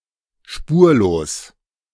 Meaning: without a trace, traceless
- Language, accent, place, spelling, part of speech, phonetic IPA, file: German, Germany, Berlin, spurlos, adjective, [ˈʃpuːɐ̯loːs], De-spurlos.ogg